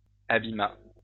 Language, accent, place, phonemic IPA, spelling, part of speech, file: French, France, Lyon, /a.bi.ma/, abîma, verb, LL-Q150 (fra)-abîma.wav
- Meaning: third-person singular past historic of abîmer